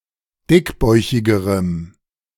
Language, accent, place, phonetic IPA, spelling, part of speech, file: German, Germany, Berlin, [ˈdɪkˌbɔɪ̯çɪɡəʁəm], dickbäuchigerem, adjective, De-dickbäuchigerem.ogg
- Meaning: strong dative masculine/neuter singular comparative degree of dickbäuchig